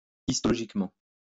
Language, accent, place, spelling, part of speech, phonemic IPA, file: French, France, Lyon, histologiquement, adverb, /is.tɔ.lɔ.ʒik.mɑ̃/, LL-Q150 (fra)-histologiquement.wav
- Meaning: histologically